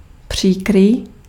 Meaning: steep
- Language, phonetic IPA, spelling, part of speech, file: Czech, [ˈpr̝̊iːkriː], příkrý, adjective, Cs-příkrý.ogg